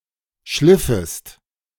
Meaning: second-person singular subjunctive II of schleifen
- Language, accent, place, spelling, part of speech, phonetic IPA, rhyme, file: German, Germany, Berlin, schliffest, verb, [ˈʃlɪfəst], -ɪfəst, De-schliffest.ogg